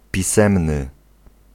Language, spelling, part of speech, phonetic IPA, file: Polish, pisemny, adjective, [pʲiˈsɛ̃mnɨ], Pl-pisemny.ogg